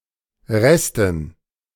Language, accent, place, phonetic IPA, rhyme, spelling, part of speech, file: German, Germany, Berlin, [ˈʁɛstn̩], -ɛstn̩, Resten, noun, De-Resten.ogg
- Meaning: dative plural of Rest